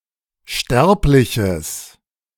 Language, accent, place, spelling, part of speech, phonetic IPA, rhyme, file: German, Germany, Berlin, sterbliches, adjective, [ˈʃtɛʁplɪçəs], -ɛʁplɪçəs, De-sterbliches.ogg
- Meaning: strong/mixed nominative/accusative neuter singular of sterblich